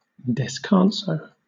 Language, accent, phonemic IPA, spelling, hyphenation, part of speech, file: English, Southern England, /dɛsˈkɑːnsoʊ/, descanso, des‧can‧so, noun, LL-Q1860 (eng)-descanso.wav
- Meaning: A cross placed at the site of a violent, unexpected death, in memoriam